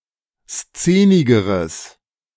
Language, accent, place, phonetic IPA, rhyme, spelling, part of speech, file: German, Germany, Berlin, [ˈst͡seːnɪɡəʁəs], -eːnɪɡəʁəs, szenigeres, adjective, De-szenigeres.ogg
- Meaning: strong/mixed nominative/accusative neuter singular comparative degree of szenig